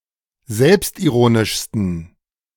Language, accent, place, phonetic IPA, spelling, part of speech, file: German, Germany, Berlin, [ˈzɛlpstʔiˌʁoːnɪʃstn̩], selbstironischsten, adjective, De-selbstironischsten.ogg
- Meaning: 1. superlative degree of selbstironisch 2. inflection of selbstironisch: strong genitive masculine/neuter singular superlative degree